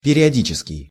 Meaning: periodic
- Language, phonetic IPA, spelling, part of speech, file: Russian, [pʲɪrʲɪɐˈdʲit͡ɕɪskʲɪj], периодический, adjective, Ru-периодический.ogg